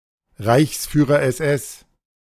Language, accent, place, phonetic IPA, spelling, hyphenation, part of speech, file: German, Germany, Berlin, [ˈʁaɪ̯çsˌfyːʁɐ ɛsˈʔɛs], Reichsführer SS, Reichs‧füh‧rer SS, noun, De-Reichsführer SS.ogg
- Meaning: commanding officer of the Schutzstaffel, the highest rank in the Schutzstaffel